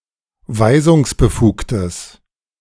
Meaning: strong/mixed nominative/accusative neuter singular of weisungsbefugt
- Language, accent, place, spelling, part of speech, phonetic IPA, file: German, Germany, Berlin, weisungsbefugtes, adjective, [ˈvaɪ̯zʊŋsbəˌfuːktəs], De-weisungsbefugtes.ogg